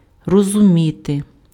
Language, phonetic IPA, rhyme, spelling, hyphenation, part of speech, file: Ukrainian, [rɔzʊˈmʲite], -ite, розуміти, ро‧зу‧мі‧ти, verb, Uk-розуміти.ogg
- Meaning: to understand, to comprehend